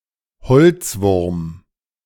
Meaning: woodworm
- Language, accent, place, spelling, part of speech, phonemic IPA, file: German, Germany, Berlin, Holzwurm, noun, /ˈhɔlt͡sˌvʊʁm/, De-Holzwurm.ogg